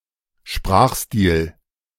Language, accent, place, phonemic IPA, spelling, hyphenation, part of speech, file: German, Germany, Berlin, /ˈʃpʁaːxˌstiːl/, Sprachstil, Sprach‧stil, noun, De-Sprachstil.ogg
- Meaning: speech style